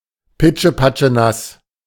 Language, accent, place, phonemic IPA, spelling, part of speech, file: German, Germany, Berlin, /ˈpɪt͡ʃəˈpat͡ʃəˈnas/, pitschepatschenass, adjective, De-pitschepatschenass.ogg
- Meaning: very wet